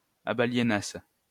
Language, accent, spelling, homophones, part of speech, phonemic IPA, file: French, France, abaliénasse, abaliénasses / abaliénassent, verb, /a.ba.lje.nas/, LL-Q150 (fra)-abaliénasse.wav
- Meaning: first-person singular imperfect subjunctive of abaliéner